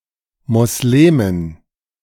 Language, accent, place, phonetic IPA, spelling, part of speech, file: German, Germany, Berlin, [mɔsˈleːmɪn], Moslemin, noun, De-Moslemin.ogg
- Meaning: Muslim (female), Muslimah